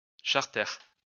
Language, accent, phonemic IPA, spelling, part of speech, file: French, France, /ʃaʁ.tɛʁ/, charter, noun, LL-Q150 (fra)-charter.wav
- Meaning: 1. a charter flight 2. a charter plane 3. a charter pilot